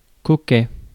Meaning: 1. vain, conscious of one's appearance 2. sweet, cute, charming
- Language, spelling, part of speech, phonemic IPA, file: French, coquet, adjective, /kɔ.kɛ/, Fr-coquet.ogg